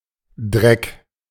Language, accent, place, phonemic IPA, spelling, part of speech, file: German, Germany, Berlin, /dʁɛk/, Dreck, noun, De-Dreck.ogg
- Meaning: 1. dirt 2. filth 3. excrement, faeces